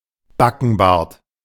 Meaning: sideburns
- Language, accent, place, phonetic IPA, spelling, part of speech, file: German, Germany, Berlin, [ˈbakn̩ˌbaːɐ̯t], Backenbart, noun, De-Backenbart.ogg